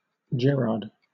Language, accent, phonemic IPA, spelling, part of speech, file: English, Southern England, /ˈd͡ʒɛɹɑːd/, Gerard, proper noun, LL-Q1860 (eng)-Gerard.wav
- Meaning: 1. A male given name from the Germanic languages 2. A surname originating as a patronymic